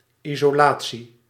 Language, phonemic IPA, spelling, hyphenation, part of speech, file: Dutch, /izoːˈlaː(t)si/, isolatie, iso‧la‧tie, noun, Nl-isolatie.ogg
- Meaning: insulation (act of insulating; any of a variety of materials designed to reduce the flow of heat or electrical currents)